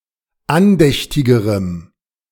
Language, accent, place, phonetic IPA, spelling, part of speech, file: German, Germany, Berlin, [ˈanˌdɛçtɪɡəʁəm], andächtigerem, adjective, De-andächtigerem.ogg
- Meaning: strong dative masculine/neuter singular comparative degree of andächtig